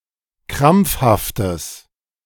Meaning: strong/mixed nominative/accusative neuter singular of krampfhaft
- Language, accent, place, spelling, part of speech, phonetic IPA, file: German, Germany, Berlin, krampfhaftes, adjective, [ˈkʁamp͡fhaftəs], De-krampfhaftes.ogg